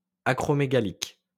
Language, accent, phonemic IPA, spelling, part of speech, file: French, France, /a.kʁɔ.me.ɡa.lik/, acromégalique, adjective, LL-Q150 (fra)-acromégalique.wav
- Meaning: acromegalic